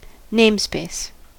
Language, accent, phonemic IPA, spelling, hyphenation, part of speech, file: English, US, /ˈneɪmspeɪs/, namespace, name‧space, noun / verb, En-us-namespace.ogg
- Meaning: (noun) A conceptual space that groups classes, identifiers, etc. in order to avoid conflicts with items in unrelated code that carry the same names; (verb) To categorize by placing into a namespace